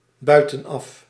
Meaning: from outside
- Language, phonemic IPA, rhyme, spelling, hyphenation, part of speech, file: Dutch, /ˌbœy̯.tə(n)ˈɑf/, -ɑf, buitenaf, bui‧ten‧af, adverb, Nl-buitenaf.ogg